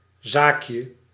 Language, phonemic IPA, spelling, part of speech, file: Dutch, /ˈzakjə/, zaakje, noun, Nl-zaakje.ogg
- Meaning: diminutive of zaak